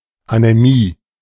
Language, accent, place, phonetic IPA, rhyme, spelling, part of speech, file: German, Germany, Berlin, [anɛˈmiː], -iː, Anämie, noun, De-Anämie.ogg
- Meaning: anemia